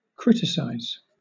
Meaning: 1. To find fault (with something) 2. To evaluate (something), assessing its merits and faults
- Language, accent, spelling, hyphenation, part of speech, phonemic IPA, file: English, Southern England, criticize, crit‧i‧cize, verb, /ˈkɹɪtɪsaɪz/, LL-Q1860 (eng)-criticize.wav